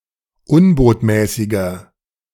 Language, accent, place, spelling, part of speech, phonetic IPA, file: German, Germany, Berlin, unbotmäßiger, adjective, [ˈʊnboːtmɛːsɪɡɐ], De-unbotmäßiger.ogg
- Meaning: inflection of unbotmäßig: 1. strong/mixed nominative masculine singular 2. strong genitive/dative feminine singular 3. strong genitive plural